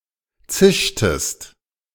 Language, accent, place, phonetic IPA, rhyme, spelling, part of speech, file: German, Germany, Berlin, [ˈt͡sɪʃtəst], -ɪʃtəst, zischtest, verb, De-zischtest.ogg
- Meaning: inflection of zischen: 1. second-person singular preterite 2. second-person singular subjunctive II